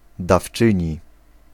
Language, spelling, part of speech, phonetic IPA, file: Polish, dawczyni, noun, [dafˈt͡ʃɨ̃ɲi], Pl-dawczyni.ogg